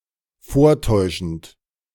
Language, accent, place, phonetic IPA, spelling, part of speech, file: German, Germany, Berlin, [ˈfoːɐ̯ˌtɔɪ̯ʃn̩t], vortäuschend, verb, De-vortäuschend.ogg
- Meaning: present participle of vortäuschen